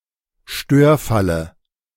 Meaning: dative singular of Störfall
- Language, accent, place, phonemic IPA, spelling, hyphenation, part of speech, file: German, Germany, Berlin, /ˈʃtøːɐ̯ˌfalə/, Störfalle, Stör‧fal‧le, noun, De-Störfalle.ogg